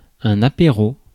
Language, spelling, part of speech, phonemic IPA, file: French, apéro, noun, /a.pe.ʁo/, Fr-apéro.ogg
- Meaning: 1. apéritif (alcoholic drink served before a meal as an appetiser) 2. apéritif (time before a meal when apéritifs are drunk)